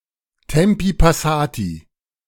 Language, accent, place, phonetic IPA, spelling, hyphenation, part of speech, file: German, Germany, Berlin, [ˈtɛmpi paˈsaːti], Tempi passati, Tem‧pi pas‧sa‧ti, proverb, De-Tempi passati.ogg
- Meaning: these times are long gone